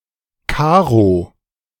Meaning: 1. rhombus, check, chequer, square 2. diamonds
- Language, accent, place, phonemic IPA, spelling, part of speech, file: German, Germany, Berlin, /ˈkaː.ʁo/, Karo, noun, De-Karo.ogg